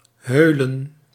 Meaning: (verb) to conspire; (noun) plural of heul
- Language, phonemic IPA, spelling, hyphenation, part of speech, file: Dutch, /ɦøːlə(n)/, heulen, heu‧len, verb / noun, Nl-heulen.ogg